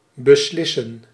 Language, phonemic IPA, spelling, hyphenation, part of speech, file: Dutch, /bəˈslɪsə(n)/, beslissen, be‧slis‧sen, verb, Nl-beslissen.ogg
- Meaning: 1. to decide, to determine 2. to decide, to make a definitive choice (between options)